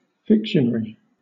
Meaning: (adjective) Fictional
- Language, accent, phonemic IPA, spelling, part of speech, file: English, Southern England, /ˈfɪkʃən(ə)ɹi/, fictionary, adjective / noun, LL-Q1860 (eng)-fictionary.wav